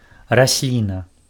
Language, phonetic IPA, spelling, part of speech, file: Belarusian, [raˈsʲlʲina], расліна, noun, Be-расліна.ogg
- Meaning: plant (organism capable of photosynthesis)